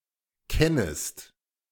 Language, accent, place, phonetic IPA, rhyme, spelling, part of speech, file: German, Germany, Berlin, [ˈkɛnəst], -ɛnəst, kennest, verb, De-kennest.ogg
- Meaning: second-person singular subjunctive I of kennen